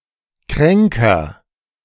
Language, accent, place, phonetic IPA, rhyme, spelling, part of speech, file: German, Germany, Berlin, [ˈkʁɛŋkɐ], -ɛŋkɐ, kränker, adjective, De-kränker.ogg
- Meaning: comparative degree of krank